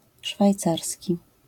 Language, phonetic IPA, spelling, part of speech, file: Polish, [ʃfajˈt͡sarsʲci], szwajcarski, adjective, LL-Q809 (pol)-szwajcarski.wav